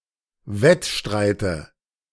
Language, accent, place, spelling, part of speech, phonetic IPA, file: German, Germany, Berlin, Wettstreite, noun, [ˈvɛtˌʃtʁaɪ̯tə], De-Wettstreite.ogg
- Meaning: nominative/accusative/genitive plural of Wettstreit